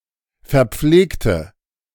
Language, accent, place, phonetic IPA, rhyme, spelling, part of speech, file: German, Germany, Berlin, [fɛɐ̯ˈp͡fleːktə], -eːktə, verpflegte, adjective / verb, De-verpflegte.ogg
- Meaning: inflection of verpflegen: 1. first/third-person singular preterite 2. first/third-person singular subjunctive II